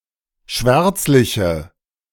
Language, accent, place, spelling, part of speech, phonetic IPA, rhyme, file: German, Germany, Berlin, schwärzliche, adjective, [ˈʃvɛʁt͡slɪçə], -ɛʁt͡slɪçə, De-schwärzliche.ogg
- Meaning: inflection of schwärzlich: 1. strong/mixed nominative/accusative feminine singular 2. strong nominative/accusative plural 3. weak nominative all-gender singular